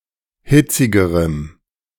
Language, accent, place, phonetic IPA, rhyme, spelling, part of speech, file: German, Germany, Berlin, [ˈhɪt͡sɪɡəʁəm], -ɪt͡sɪɡəʁəm, hitzigerem, adjective, De-hitzigerem.ogg
- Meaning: strong dative masculine/neuter singular comparative degree of hitzig